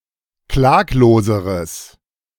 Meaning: strong/mixed nominative/accusative neuter singular comparative degree of klaglos
- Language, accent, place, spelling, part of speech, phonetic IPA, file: German, Germany, Berlin, klagloseres, adjective, [ˈklaːkloːzəʁəs], De-klagloseres.ogg